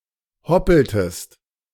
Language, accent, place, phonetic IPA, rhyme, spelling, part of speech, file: German, Germany, Berlin, [ˈhɔpl̩təst], -ɔpl̩təst, hoppeltest, verb, De-hoppeltest.ogg
- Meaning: inflection of hoppeln: 1. second-person singular preterite 2. second-person singular subjunctive II